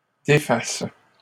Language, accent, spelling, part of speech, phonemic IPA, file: French, Canada, défasse, verb, /de.fas/, LL-Q150 (fra)-défasse.wav
- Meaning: first/third-person singular present subjunctive of défaire